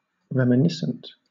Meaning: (adjective) 1. Of, or relating to reminiscence 2. Suggestive of an earlier event or times 3. Tending to bring some memory etc. to mind (followed by of) 4. Remembering; undergoing reminiscence
- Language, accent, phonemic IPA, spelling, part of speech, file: English, Southern England, /ˌɹɛməˈnɪsnt/, reminiscent, adjective / noun, LL-Q1860 (eng)-reminiscent.wav